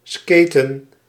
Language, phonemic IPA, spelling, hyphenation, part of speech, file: Dutch, /ˈskeːtə(n)/, skaten, ska‧ten, verb, Nl-skaten.ogg
- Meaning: to skate (especially with in-line skates or a skateboard)